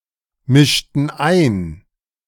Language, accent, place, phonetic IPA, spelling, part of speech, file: German, Germany, Berlin, [ˌmɪʃtn̩ ˈaɪ̯n], mischten ein, verb, De-mischten ein.ogg
- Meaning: inflection of einmischen: 1. first/third-person plural preterite 2. first/third-person plural subjunctive II